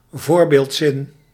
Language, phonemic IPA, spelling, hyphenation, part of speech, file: Dutch, /ˈvoːr.beːltˌsɪn/, voorbeeldzin, voor‧beeld‧zin, noun, Nl-voorbeeldzin.ogg
- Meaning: example sentence